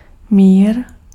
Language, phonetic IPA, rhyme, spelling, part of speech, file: Czech, [ˈmiːr], -iːr, mír, noun, Cs-mír.ogg
- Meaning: peace